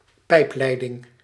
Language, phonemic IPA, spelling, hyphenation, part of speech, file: Dutch, /ˈpɛi̯pˌlɛi̯.dɪŋ/, pijpleiding, pijp‧lei‧ding, noun, Nl-pijpleiding.ogg
- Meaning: pipeline